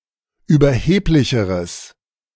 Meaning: strong/mixed nominative/accusative neuter singular comparative degree of überheblich
- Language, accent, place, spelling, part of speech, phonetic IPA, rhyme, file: German, Germany, Berlin, überheblicheres, adjective, [yːbɐˈheːplɪçəʁəs], -eːplɪçəʁəs, De-überheblicheres.ogg